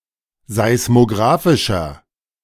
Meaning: inflection of seismografisch: 1. strong/mixed nominative masculine singular 2. strong genitive/dative feminine singular 3. strong genitive plural
- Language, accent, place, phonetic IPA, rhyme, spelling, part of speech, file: German, Germany, Berlin, [zaɪ̯smoˈɡʁaːfɪʃɐ], -aːfɪʃɐ, seismografischer, adjective, De-seismografischer.ogg